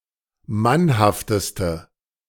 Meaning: inflection of mannhaft: 1. strong/mixed nominative/accusative feminine singular superlative degree 2. strong nominative/accusative plural superlative degree
- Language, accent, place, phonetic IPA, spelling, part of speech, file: German, Germany, Berlin, [ˈmanhaftəstə], mannhafteste, adjective, De-mannhafteste.ogg